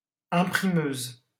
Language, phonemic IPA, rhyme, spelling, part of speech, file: French, /ɛ̃.pʁi.møz/, -øz, imprimeuse, noun, LL-Q150 (fra)-imprimeuse.wav
- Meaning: female equivalent of imprimeur